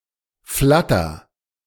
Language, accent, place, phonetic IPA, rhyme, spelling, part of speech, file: German, Germany, Berlin, [ˈflatɐ], -atɐ, flatter, verb, De-flatter.ogg
- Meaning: inflection of flattern: 1. first-person singular present 2. singular imperative